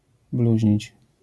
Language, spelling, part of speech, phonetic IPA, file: Polish, bluźnić, verb, [ˈbluʑɲit͡ɕ], LL-Q809 (pol)-bluźnić.wav